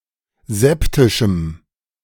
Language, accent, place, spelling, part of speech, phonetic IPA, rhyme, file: German, Germany, Berlin, septischem, adjective, [ˈzɛptɪʃm̩], -ɛptɪʃm̩, De-septischem.ogg
- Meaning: strong dative masculine/neuter singular of septisch